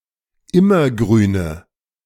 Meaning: inflection of immergrün: 1. strong/mixed nominative/accusative feminine singular 2. strong nominative/accusative plural 3. weak nominative all-gender singular
- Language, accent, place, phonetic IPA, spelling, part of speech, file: German, Germany, Berlin, [ˈɪmɐˌɡʁyːnə], immergrüne, adjective, De-immergrüne.ogg